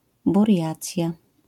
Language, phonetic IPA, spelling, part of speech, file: Polish, [burʲˈjat͡s.ja], Buriacja, proper noun, LL-Q809 (pol)-Buriacja.wav